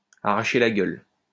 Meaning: 1. to hurt, to kill, to be too much to ask 2. to be very spicy, to be very hot, to blow someone's head off (of food)
- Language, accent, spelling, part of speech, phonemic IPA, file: French, France, arracher la gueule, verb, /a.ʁa.ʃe la ɡœl/, LL-Q150 (fra)-arracher la gueule.wav